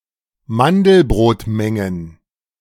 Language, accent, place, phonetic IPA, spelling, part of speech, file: German, Germany, Berlin, [ˈmandl̩bʁoːtˌmɛŋən], Mandelbrotmengen, noun, De-Mandelbrotmengen.ogg
- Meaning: plural of Mandelbrotmenge